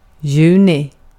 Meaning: June
- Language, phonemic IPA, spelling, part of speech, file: Swedish, /ˈjʉːnɪ/, juni, noun, Sv-juni.ogg